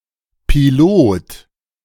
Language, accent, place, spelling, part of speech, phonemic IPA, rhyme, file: German, Germany, Berlin, Pilot, noun, /piˈloːt/, -oːt, De-Pilot.ogg
- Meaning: 1. pilot (one who steers an aircraft) 2. pilot of a bobsled 3. driver 4. helmsman (one who steers a ship) 5. ellipsis of Pilotprojekt or Pilotstudie 6. ellipsis of Pilotfilm or Pilotfolge